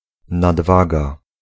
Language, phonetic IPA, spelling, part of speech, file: Polish, [nadˈvaɡa], nadwaga, noun, Pl-nadwaga.ogg